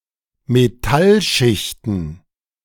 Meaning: plural of Metallschicht
- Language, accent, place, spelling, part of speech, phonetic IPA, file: German, Germany, Berlin, Metallschichten, noun, [meˈtalˌʃɪçtn̩], De-Metallschichten.ogg